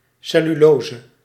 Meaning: cellulose (complex carbohydrate)
- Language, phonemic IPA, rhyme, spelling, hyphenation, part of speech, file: Dutch, /ˌsɛ.lyˈloː.zə/, -oːzə, cellulose, cel‧lu‧lo‧se, noun, Nl-cellulose.ogg